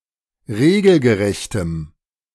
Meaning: strong dative masculine/neuter singular of regelgerecht
- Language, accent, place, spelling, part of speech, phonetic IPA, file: German, Germany, Berlin, regelgerechtem, adjective, [ˈʁeːɡl̩ɡəˌʁɛçtəm], De-regelgerechtem.ogg